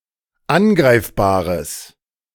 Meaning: strong/mixed nominative/accusative neuter singular of angreifbar
- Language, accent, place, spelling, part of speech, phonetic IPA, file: German, Germany, Berlin, angreifbares, adjective, [ˈanˌɡʁaɪ̯fbaːʁəs], De-angreifbares.ogg